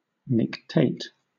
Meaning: To wink or blink; (of certain animals) to close the nictating membrane
- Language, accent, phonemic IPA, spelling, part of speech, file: English, Southern England, /nɪkˈteɪt/, nictate, verb, LL-Q1860 (eng)-nictate.wav